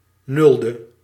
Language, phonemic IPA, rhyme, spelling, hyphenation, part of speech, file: Dutch, /ˈnʏl.də/, -ʏldə, nulde, nul‧de, adjective, Nl-nulde.ogg
- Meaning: zeroth